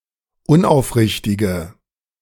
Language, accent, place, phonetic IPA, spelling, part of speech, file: German, Germany, Berlin, [ˈʊnʔaʊ̯fˌʁɪçtɪɡə], unaufrichtige, adjective, De-unaufrichtige.ogg
- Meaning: inflection of unaufrichtig: 1. strong/mixed nominative/accusative feminine singular 2. strong nominative/accusative plural 3. weak nominative all-gender singular